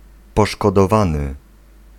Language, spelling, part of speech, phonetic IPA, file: Polish, poszkodowany, noun / verb, [ˌpɔʃkɔdɔˈvãnɨ], Pl-poszkodowany.ogg